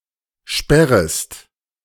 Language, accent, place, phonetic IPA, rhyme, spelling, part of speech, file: German, Germany, Berlin, [ˈʃpɛʁəst], -ɛʁəst, sperrest, verb, De-sperrest.ogg
- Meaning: second-person singular subjunctive I of sperren